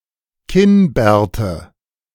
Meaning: nominative/accusative/genitive plural of Kinnbart
- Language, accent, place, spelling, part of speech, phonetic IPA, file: German, Germany, Berlin, Kinnbärte, noun, [ˈkɪnˌbɛːɐ̯tə], De-Kinnbärte.ogg